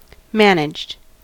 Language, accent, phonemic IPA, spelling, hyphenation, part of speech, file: English, US, /ˈmæn.əd͡ʒd/, managed, man‧aged, verb, En-us-managed.ogg
- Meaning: simple past and past participle of manage